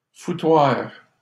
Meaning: 1. brothel 2. mess, shambles
- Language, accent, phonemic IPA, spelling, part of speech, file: French, Canada, /fu.twaʁ/, foutoir, noun, LL-Q150 (fra)-foutoir.wav